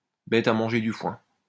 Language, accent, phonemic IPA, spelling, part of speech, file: French, France, /bɛt a mɑ̃.ʒe dy fwɛ̃/, bête à manger du foin, adjective, LL-Q150 (fra)-bête à manger du foin.wav
- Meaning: Very stupid; dumb as a rock; dumb as a doorknob